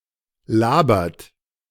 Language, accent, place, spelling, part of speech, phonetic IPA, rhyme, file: German, Germany, Berlin, labert, verb, [ˈlaːbɐt], -aːbɐt, De-labert.ogg
- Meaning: inflection of labern: 1. third-person singular present 2. second-person plural present 3. plural imperative